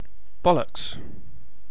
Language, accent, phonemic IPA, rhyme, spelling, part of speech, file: English, UK, /ˈbɒ.ləks/, -ɒləks, bollocks, noun / verb / interjection, En-uk-Bollocks1.ogg
- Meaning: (noun) 1. The testicles 2. An idiot; an ignorant or disagreeable person 3. Nonsense; rubbish 4. Ellipsis of the dog's bollocks; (verb) 1. To break 2. To fail (a task); to make a mess of